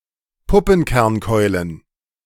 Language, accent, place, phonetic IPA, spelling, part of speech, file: German, Germany, Berlin, [ˈpʊpn̩kɛʁnˌkɔɪ̯lən], Puppenkernkeulen, noun, De-Puppenkernkeulen.ogg
- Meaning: plural of Puppenkernkeule